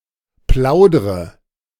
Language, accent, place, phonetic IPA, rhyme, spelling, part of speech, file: German, Germany, Berlin, [ˈplaʊ̯dʁə], -aʊ̯dʁə, plaudre, verb, De-plaudre.ogg
- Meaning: inflection of plaudern: 1. first-person singular present 2. first/third-person singular subjunctive I 3. singular imperative